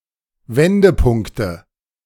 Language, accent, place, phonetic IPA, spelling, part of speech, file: German, Germany, Berlin, [ˈvɛndəˌpʊŋktə], Wendepunkte, noun, De-Wendepunkte.ogg
- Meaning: nominative/accusative/genitive plural of Wendepunkt